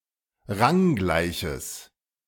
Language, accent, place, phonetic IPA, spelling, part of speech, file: German, Germany, Berlin, [ˈʁaŋˌɡlaɪ̯çəs], ranggleiches, adjective, De-ranggleiches.ogg
- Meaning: strong/mixed nominative/accusative neuter singular of ranggleich